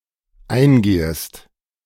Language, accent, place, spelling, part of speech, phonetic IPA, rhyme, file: German, Germany, Berlin, eingehest, verb, [ˈaɪ̯nˌɡeːəst], -aɪ̯nɡeːəst, De-eingehest.ogg
- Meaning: second-person singular dependent subjunctive I of eingehen